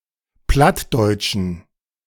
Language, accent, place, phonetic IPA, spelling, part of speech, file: German, Germany, Berlin, [ˈplatdɔɪ̯tʃn̩], plattdeutschen, adjective, De-plattdeutschen.ogg
- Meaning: inflection of plattdeutsch: 1. strong genitive masculine/neuter singular 2. weak/mixed genitive/dative all-gender singular 3. strong/weak/mixed accusative masculine singular 4. strong dative plural